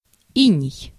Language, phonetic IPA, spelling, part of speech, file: Russian, [ˈinʲɪj], иней, noun, Ru-иней.ogg
- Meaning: 1. hoarfrost, frost, rime 2. white hair